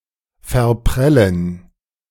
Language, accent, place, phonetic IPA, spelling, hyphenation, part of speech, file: German, Germany, Berlin, [fɛɐ̯ˈpʁɛlən], verprellen, ver‧prel‧len, verb, De-verprellen.ogg
- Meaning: 1. to alienate, discourage, put off 2. to drive away (prey) through carelessness and clumsiness